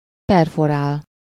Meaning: to perforate
- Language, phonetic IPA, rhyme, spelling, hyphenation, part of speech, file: Hungarian, [ˈpɛrforaːl], -aːl, perforál, per‧fo‧rál, verb, Hu-perforál.ogg